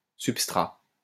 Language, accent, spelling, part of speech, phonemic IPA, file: French, France, substrat, noun, /syp.stʁa/, LL-Q150 (fra)-substrat.wav
- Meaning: 1. substrate (the material or substance on which an enzyme acts) 2. substrate (a surface on which an organism grows or is attached) 3. substrate (an underlying layer; a substratum)